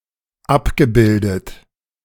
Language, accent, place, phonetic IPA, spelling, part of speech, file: German, Germany, Berlin, [ˈapɡəˌbɪldət], abgebildet, verb, De-abgebildet.ogg
- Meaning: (verb) past participle of abbilden; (adjective) 1. depicted, pictured 2. mapped